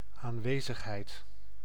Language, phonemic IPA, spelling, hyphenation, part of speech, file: Dutch, /ˌaːnˈʋeː.zəx.ɦɛi̯t/, aanwezigheid, aan‧we‧zig‧heid, noun, Nl-aanwezigheid.ogg
- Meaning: 1. presence 2. attendance